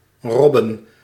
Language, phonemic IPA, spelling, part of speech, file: Dutch, /rɔbə(n)/, robben, noun, Nl-robben.ogg
- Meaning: plural of rob